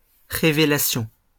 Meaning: revelation
- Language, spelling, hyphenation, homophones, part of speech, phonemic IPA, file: French, révélation, ré‧vé‧la‧tion, révélations, noun, /ʁe.ve.la.sjɔ̃/, LL-Q150 (fra)-révélation.wav